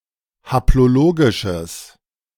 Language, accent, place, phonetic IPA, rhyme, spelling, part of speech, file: German, Germany, Berlin, [haploˈloːɡɪʃəs], -oːɡɪʃəs, haplologisches, adjective, De-haplologisches.ogg
- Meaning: strong/mixed nominative/accusative neuter singular of haplologisch